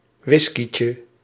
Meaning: diminutive of whiskey
- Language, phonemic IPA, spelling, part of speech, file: Dutch, /ˈwɪskicə/, whiskeytje, noun, Nl-whiskeytje.ogg